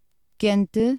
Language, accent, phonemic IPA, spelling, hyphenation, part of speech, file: Portuguese, Portugal, /ˈkẽ.tɨ/, quente, quen‧te, adjective, Pt-quente.ogg
- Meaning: hot, warm